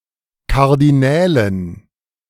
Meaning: dative plural of Kardinal
- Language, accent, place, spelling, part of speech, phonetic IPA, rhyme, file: German, Germany, Berlin, Kardinälen, noun, [ˌkaʁdiˈnɛːlən], -ɛːlən, De-Kardinälen.ogg